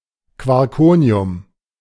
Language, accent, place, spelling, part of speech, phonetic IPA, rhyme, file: German, Germany, Berlin, Quarkonium, noun, [kvɔʁˈkoːni̯ʊm], -oːni̯ʊm, De-Quarkonium.ogg
- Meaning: quarkonium